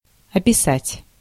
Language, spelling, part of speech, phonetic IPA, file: Russian, описать, verb, [ɐpʲɪˈsatʲ], Ru-описать.ogg
- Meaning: 1. to describe, to depict, to portray (to represent in words) 2. to make / take an inventory (of), to inventory 3. to describe, to circumscribe